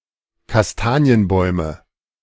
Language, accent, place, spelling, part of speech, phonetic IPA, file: German, Germany, Berlin, Kastanienbäume, noun, [kasˈtaːni̯ənˌbɔɪ̯mə], De-Kastanienbäume.ogg
- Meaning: nominative/accusative/genitive plural of Kastanienbaum